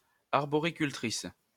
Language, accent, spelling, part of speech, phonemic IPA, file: French, France, arboricultrice, noun, /aʁ.bɔ.ʁi.kyl.tʁis/, LL-Q150 (fra)-arboricultrice.wav
- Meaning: female equivalent of arboriculteur